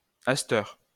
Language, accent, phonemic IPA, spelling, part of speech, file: French, France, /as.tœʁ/, asteur, adverb, LL-Q150 (fra)-asteur.wav
- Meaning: alternative form of à cette heure (“presently”)